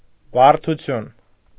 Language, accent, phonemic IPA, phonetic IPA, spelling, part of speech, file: Armenian, Eastern Armenian, /bɑɾtʰuˈtʰjun/, [bɑɾtʰut͡sʰjún], բարդություն, noun, Hy-բարդություն.ogg
- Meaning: 1. complexity, complicacy, intricacy 2. complication